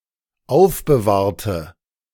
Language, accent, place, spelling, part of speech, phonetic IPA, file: German, Germany, Berlin, aufbewahrte, adjective / verb, [ˈaʊ̯fbəˌvaːɐ̯tə], De-aufbewahrte.ogg
- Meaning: inflection of aufbewahrt: 1. strong/mixed nominative/accusative feminine singular 2. strong nominative/accusative plural 3. weak nominative all-gender singular